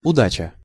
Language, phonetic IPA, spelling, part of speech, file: Russian, [ʊˈdat͡ɕə], удача, noun, Ru-удача.ogg
- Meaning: good luck, success (achievement of one's aim or goal)